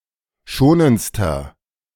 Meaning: inflection of schonend: 1. strong/mixed nominative masculine singular superlative degree 2. strong genitive/dative feminine singular superlative degree 3. strong genitive plural superlative degree
- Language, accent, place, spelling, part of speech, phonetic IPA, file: German, Germany, Berlin, schonendster, adjective, [ˈʃoːnənt͡stɐ], De-schonendster.ogg